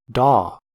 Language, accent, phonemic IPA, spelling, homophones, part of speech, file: English, US, /dɑː/, daw, DAW / d'aw, noun / verb, En-us-daw.ogg
- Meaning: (noun) 1. A western jackdaw, Coloeus monedula, a passerine bird in the crow family (Corvidae), more commonly called jackdaw 2. An idiot, a simpleton; fool; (verb) 1. To dawn 2. To wake (someone) up